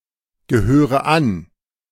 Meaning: inflection of angehören: 1. first-person singular present 2. first/third-person singular subjunctive I 3. singular imperative
- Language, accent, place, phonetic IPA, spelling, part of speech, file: German, Germany, Berlin, [ɡəˌhøːʁə ˈan], gehöre an, verb, De-gehöre an.ogg